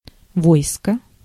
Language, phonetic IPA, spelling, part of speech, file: Russian, [ˈvojskə], войско, noun, Ru-войско.ogg
- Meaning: 1. army, host 2. troops, forces